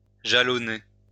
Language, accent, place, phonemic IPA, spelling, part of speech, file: French, France, Lyon, /ʒa.lɔ.ne/, jalonner, verb, LL-Q150 (fra)-jalonner.wav
- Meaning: stake out, mark out (to mark off the limits by stakes)